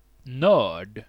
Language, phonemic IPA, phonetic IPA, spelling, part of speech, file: Swedish, /nøːrd/, [nœ̞ːɖ], nörd, noun, Sv-nörd.ogg
- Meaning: nerd